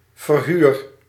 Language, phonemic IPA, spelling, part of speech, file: Dutch, /ˈvɛrhyr/, verhuur, noun / verb, Nl-verhuur.ogg
- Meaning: inflection of verhuren: 1. first-person singular present indicative 2. second-person singular present indicative 3. imperative